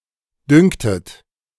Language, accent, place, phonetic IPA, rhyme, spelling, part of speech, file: German, Germany, Berlin, [ˈdʏŋtət], -ʏŋtət, düngtet, verb, De-düngtet.ogg
- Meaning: inflection of düngen: 1. second-person plural preterite 2. second-person plural subjunctive II